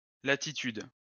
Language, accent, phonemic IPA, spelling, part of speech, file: French, France, /la.ti.tyd/, latitude, noun, LL-Q150 (fra)-latitude.wav
- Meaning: 1. expansion, breadth 2. the distance from a place to the equator measured in degrees on the meridian; parallel viewing